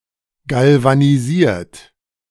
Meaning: 1. past participle of galvanisieren 2. inflection of galvanisieren: second-person plural present 3. inflection of galvanisieren: third-person singular present
- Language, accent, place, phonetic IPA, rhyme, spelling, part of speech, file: German, Germany, Berlin, [ˌɡalvaniˈziːɐ̯t], -iːɐ̯t, galvanisiert, verb, De-galvanisiert.ogg